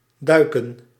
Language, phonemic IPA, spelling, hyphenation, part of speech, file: Dutch, /ˈdœy̯kə(n)/, duiken, dui‧ken, verb, Nl-duiken.ogg
- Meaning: to dive